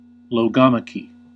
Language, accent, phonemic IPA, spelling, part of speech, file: English, US, /loʊˈɡɑ.mə.ki/, logomachy, noun, En-us-logomachy.ogg
- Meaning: 1. Dispute over the meaning of words 2. A conflict waged only as a battle of words